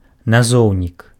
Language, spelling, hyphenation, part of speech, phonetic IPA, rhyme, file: Belarusian, назоўнік, на‧зоў‧нік, noun, [naˈzou̯nʲik], -ou̯nʲik, Be-назоўнік.ogg
- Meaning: 1. noun, substantive 2. denominator (the number or expression written below the line in a fraction)